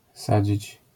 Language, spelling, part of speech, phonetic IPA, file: Polish, sadzić, verb, [ˈsad͡ʑit͡ɕ], LL-Q809 (pol)-sadzić.wav